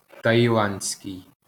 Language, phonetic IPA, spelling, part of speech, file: Ukrainian, [tɐjiˈɫand͡zʲsʲkei̯], таїландський, adjective, LL-Q8798 (ukr)-таїландський.wav
- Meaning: Thai (of or relating to the nation state of Thailand and its citizens)